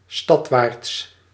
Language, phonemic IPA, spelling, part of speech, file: Dutch, /ˈstɑtwarts/, stadwaarts, adverb, Nl-stadwaarts.ogg
- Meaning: towards the city